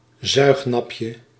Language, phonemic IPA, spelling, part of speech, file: Dutch, /ˈzœyxnɑpjə/, zuignapje, noun, Nl-zuignapje.ogg
- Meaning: diminutive of zuignap